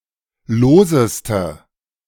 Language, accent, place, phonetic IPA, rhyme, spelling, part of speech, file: German, Germany, Berlin, [ˈloːzəstə], -oːzəstə, loseste, adjective, De-loseste.ogg
- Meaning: inflection of lose: 1. strong/mixed nominative/accusative feminine singular superlative degree 2. strong nominative/accusative plural superlative degree